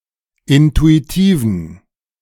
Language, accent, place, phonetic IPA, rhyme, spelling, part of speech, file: German, Germany, Berlin, [ˌɪntuiˈtiːvn̩], -iːvn̩, intuitiven, adjective, De-intuitiven.ogg
- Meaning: inflection of intuitiv: 1. strong genitive masculine/neuter singular 2. weak/mixed genitive/dative all-gender singular 3. strong/weak/mixed accusative masculine singular 4. strong dative plural